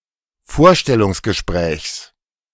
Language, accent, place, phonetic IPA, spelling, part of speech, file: German, Germany, Berlin, [ˈfoːɐ̯ʃtɛlʊŋsɡəˌʃpʁɛːçs], Vorstellungsgesprächs, noun, De-Vorstellungsgesprächs.ogg
- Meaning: genitive singular of Vorstellungsgespräch